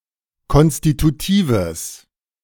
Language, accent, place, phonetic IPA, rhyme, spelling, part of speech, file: German, Germany, Berlin, [ˌkɔnstituˈtiːvəs], -iːvəs, konstitutives, adjective, De-konstitutives.ogg
- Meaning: strong/mixed nominative/accusative neuter singular of konstitutiv